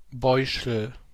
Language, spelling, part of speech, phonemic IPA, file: German, Beuschel, noun, /ˈbɔɪ̯ʃl̩/, De-Beuschel.ogg
- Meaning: 1. food made from offal (especially the lungs and heart) 2. lung 3. human entrails